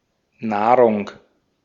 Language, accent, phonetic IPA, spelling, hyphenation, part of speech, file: German, Austria, [ˈnaːʁʊŋ], Nahrung, Nah‧rung, noun, De-at-Nahrung.ogg
- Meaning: nourishment, food